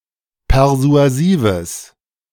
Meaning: strong/mixed nominative/accusative neuter singular of persuasiv
- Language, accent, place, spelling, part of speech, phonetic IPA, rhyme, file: German, Germany, Berlin, persuasives, adjective, [pɛʁzu̯aˈziːvəs], -iːvəs, De-persuasives.ogg